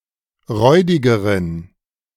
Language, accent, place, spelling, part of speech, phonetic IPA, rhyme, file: German, Germany, Berlin, räudigeren, adjective, [ˈʁɔɪ̯dɪɡəʁən], -ɔɪ̯dɪɡəʁən, De-räudigeren.ogg
- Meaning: inflection of räudig: 1. strong genitive masculine/neuter singular comparative degree 2. weak/mixed genitive/dative all-gender singular comparative degree